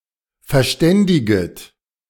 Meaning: second-person plural subjunctive I of verständigen
- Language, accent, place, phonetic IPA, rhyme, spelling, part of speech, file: German, Germany, Berlin, [fɛɐ̯ˈʃtɛndɪɡət], -ɛndɪɡət, verständiget, verb, De-verständiget.ogg